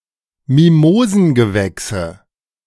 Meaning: nominative/accusative/genitive plural of Mimosengewächs
- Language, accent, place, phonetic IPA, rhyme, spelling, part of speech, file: German, Germany, Berlin, [miˈmoːzn̩ɡəˌvɛksə], -oːzn̩ɡəvɛksə, Mimosengewächse, noun, De-Mimosengewächse.ogg